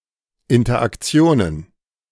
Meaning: plural of Interaktion
- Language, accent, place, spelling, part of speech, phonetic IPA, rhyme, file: German, Germany, Berlin, Interaktionen, noun, [ɪntɐʔakˈt͡si̯oːnən], -oːnən, De-Interaktionen.ogg